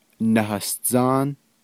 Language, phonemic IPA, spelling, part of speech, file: Navajo, /nɑ̀hɑ̀st͡sɑ́ːn/, nahasdzáán, noun, Nv-nahasdzáán.ogg
- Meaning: the Earth